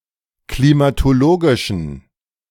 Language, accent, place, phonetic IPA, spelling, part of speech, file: German, Germany, Berlin, [klimatoˈloːɡɪʃən], klimatologischen, adjective, De-klimatologischen.ogg
- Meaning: inflection of klimatologisch: 1. strong genitive masculine/neuter singular 2. weak/mixed genitive/dative all-gender singular 3. strong/weak/mixed accusative masculine singular 4. strong dative plural